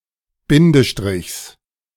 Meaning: genitive singular of Bindestrich
- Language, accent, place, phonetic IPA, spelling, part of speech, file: German, Germany, Berlin, [ˈbɪndəˌʃtʁɪçs], Bindestrichs, noun, De-Bindestrichs.ogg